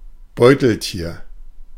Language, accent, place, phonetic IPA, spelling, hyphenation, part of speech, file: German, Germany, Berlin, [ˈbɔɪ̯tl̩ˌtiːɐ̯], Beuteltier, Beu‧tel‧tier, noun, De-Beuteltier.ogg
- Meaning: marsupial